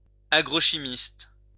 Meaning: agrochemist
- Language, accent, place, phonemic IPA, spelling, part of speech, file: French, France, Lyon, /a.ɡʁo.ʃi.mist/, agrochimiste, noun, LL-Q150 (fra)-agrochimiste.wav